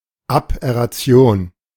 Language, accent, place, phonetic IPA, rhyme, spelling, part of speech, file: German, Germany, Berlin, [apˌʔɛʁaˈt͡si̯oːn], -oːn, Aberration, noun, De-Aberration.ogg
- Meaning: 1. aberration (deviation) 2. aberration